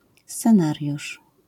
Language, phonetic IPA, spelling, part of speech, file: Polish, [st͡sɛ̃ˈnarʲjuʃ], scenariusz, noun, LL-Q809 (pol)-scenariusz.wav